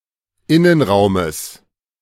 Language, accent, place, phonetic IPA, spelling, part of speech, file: German, Germany, Berlin, [ˈɪnənˌʁaʊ̯məs], Innenraumes, noun, De-Innenraumes.ogg
- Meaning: genitive of Innenraum